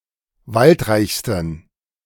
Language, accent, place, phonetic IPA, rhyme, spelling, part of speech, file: German, Germany, Berlin, [ˈvaltˌʁaɪ̯çstn̩], -altʁaɪ̯çstn̩, waldreichsten, adjective, De-waldreichsten.ogg
- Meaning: 1. superlative degree of waldreich 2. inflection of waldreich: strong genitive masculine/neuter singular superlative degree